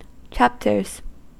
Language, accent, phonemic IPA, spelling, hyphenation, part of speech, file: English, US, /ˈt͡ʃæptɚz/, chapters, chap‧ters, noun / verb, En-us-chapters.ogg
- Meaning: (noun) plural of chapter; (verb) third-person singular simple present indicative of chapter